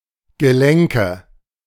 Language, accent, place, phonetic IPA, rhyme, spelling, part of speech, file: German, Germany, Berlin, [ɡəˈlɛŋkə], -ɛŋkə, Gelenke, noun, De-Gelenke.ogg
- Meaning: nominative/accusative/genitive plural of Gelenk